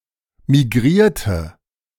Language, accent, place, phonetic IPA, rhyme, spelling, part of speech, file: German, Germany, Berlin, [miˈɡʁiːɐ̯tə], -iːɐ̯tə, migrierte, adjective / verb, De-migrierte.ogg
- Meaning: inflection of migrieren: 1. first/third-person singular preterite 2. first/third-person singular subjunctive II